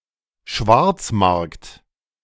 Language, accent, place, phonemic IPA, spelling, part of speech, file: German, Germany, Berlin, /ˈʃvaʁt͡sˌmaʁkt/, Schwarzmarkt, noun, De-Schwarzmarkt.ogg
- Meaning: black market